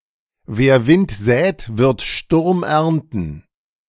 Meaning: sow the wind, reap the whirlwind
- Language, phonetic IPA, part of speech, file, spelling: German, [veːɐ̯ vɪnt zɛːt vɪʁt ʃtʊʁm ˈɛʁntn̩], proverb, De-wer Wind sät wird Sturm ernten.ogg, wer Wind sät, wird Sturm ernten